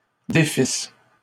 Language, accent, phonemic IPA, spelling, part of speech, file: French, Canada, /de.fis/, défissent, verb, LL-Q150 (fra)-défissent.wav
- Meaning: third-person plural imperfect subjunctive of défaire